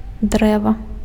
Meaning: 1. tree 2. wood
- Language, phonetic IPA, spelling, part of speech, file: Belarusian, [ˈdrɛva], дрэва, noun, Be-дрэва.ogg